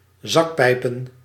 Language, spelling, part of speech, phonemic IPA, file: Dutch, zakpijpen, noun, /ˈzɑkpɛipə(n)/, Nl-zakpijpen.ogg
- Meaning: plural of zakpijp